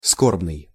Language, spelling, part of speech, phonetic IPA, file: Russian, скорбный, adjective, [ˈskorbnɨj], Ru-скорбный.ogg
- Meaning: sorrowful, mournful, doleful